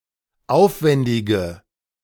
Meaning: inflection of aufwändig: 1. strong/mixed nominative/accusative feminine singular 2. strong nominative/accusative plural 3. weak nominative all-gender singular
- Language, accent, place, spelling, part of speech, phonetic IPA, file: German, Germany, Berlin, aufwändige, adjective, [ˈaʊ̯fˌvɛndɪɡə], De-aufwändige.ogg